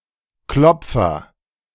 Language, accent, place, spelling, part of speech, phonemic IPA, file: German, Germany, Berlin, Klopfer, noun, /ˈklɔpfɐ/, De-Klopfer.ogg
- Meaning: 1. agent noun of klopfen; a knocker {{gloss|a person who knocks]] 2. an object to knock, tap, beat, throb with 3. Clipping of Türklopfer; doorknocker 4. Clipping of Teppichklopfer; carpetbeater